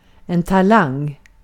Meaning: 1. talent (skill, ability) 2. a talent (talented person)
- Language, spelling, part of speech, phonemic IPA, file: Swedish, talang, noun, /taˈlaŋ/, Sv-talang.ogg